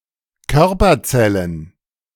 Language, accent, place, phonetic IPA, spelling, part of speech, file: German, Germany, Berlin, [ˈkœʁpɐˌt͡sɛlən], Körperzellen, noun, De-Körperzellen.ogg
- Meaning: plural of Körperzelle